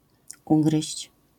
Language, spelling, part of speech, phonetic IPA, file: Polish, ugryźć, verb, [ˈuɡrɨɕt͡ɕ], LL-Q809 (pol)-ugryźć.wav